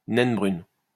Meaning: brown dwarf (sub-stellar object)
- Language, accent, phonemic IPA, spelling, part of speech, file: French, France, /nɛn bʁyn/, naine brune, noun, LL-Q150 (fra)-naine brune.wav